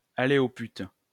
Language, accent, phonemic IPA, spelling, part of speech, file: French, France, /a.le o pyt/, aller aux putes, verb, LL-Q150 (fra)-aller aux putes.wav
- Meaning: to whore (to hire a prostitute)